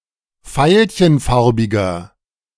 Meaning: inflection of veilchenfarbig: 1. strong/mixed nominative masculine singular 2. strong genitive/dative feminine singular 3. strong genitive plural
- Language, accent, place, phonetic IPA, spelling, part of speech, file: German, Germany, Berlin, [ˈfaɪ̯lçənˌfaʁbɪɡɐ], veilchenfarbiger, adjective, De-veilchenfarbiger.ogg